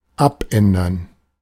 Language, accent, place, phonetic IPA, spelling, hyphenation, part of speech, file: German, Germany, Berlin, [ˈʔap.ʔɛn.dɐn], abändern, ab‧än‧dern, verb, De-abändern.ogg
- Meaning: 1. to change, to alter 2. to revise, modify 3. to amend 4. to commute 5. to decline